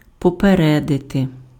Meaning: 1. to notify in advance, to give notice to, to let know beforehand 2. to warn, to forewarn
- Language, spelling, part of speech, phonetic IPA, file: Ukrainian, попередити, verb, [pɔpeˈrɛdete], Uk-попередити.ogg